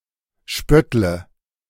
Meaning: inflection of spötteln: 1. first-person singular present 2. first/third-person singular subjunctive I 3. singular imperative
- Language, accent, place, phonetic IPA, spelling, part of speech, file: German, Germany, Berlin, [ˈʃpœtlə], spöttle, verb, De-spöttle.ogg